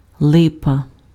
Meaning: lime tree, linden tree
- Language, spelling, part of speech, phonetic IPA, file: Ukrainian, липа, noun, [ˈɫɪpɐ], Uk-липа.ogg